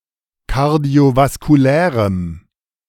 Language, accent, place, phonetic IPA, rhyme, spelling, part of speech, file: German, Germany, Berlin, [kaʁdi̯ovaskuˈlɛːʁəm], -ɛːʁəm, kardiovaskulärem, adjective, De-kardiovaskulärem.ogg
- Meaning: strong dative masculine/neuter singular of kardiovaskulär